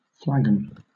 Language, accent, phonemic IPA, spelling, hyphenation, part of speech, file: English, Southern England, /ˈflæɡ(ə)n/, flagon, flag‧on, noun, LL-Q1860 (eng)-flagon.wav